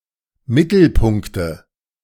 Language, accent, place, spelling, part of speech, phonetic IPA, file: German, Germany, Berlin, Mittelpunkte, noun, [ˈmɪtl̩ˌpʊŋktə], De-Mittelpunkte.ogg
- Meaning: nominative/accusative/genitive plural of Mittelpunkt